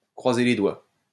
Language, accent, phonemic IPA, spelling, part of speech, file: French, France, /kʁwa.ze le dwa/, croiser les doigts, verb, LL-Q150 (fra)-croiser les doigts.wav
- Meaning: cross one's fingers (to wish for luck)